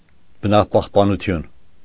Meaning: nature protection, conservation
- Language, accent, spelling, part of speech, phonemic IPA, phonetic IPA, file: Armenian, Eastern Armenian, բնապահպանություն, noun, /bənɑpɑhpɑnuˈtʰjun/, [bənɑpɑhpɑnut͡sʰjún], Hy-բնապահպանություն.ogg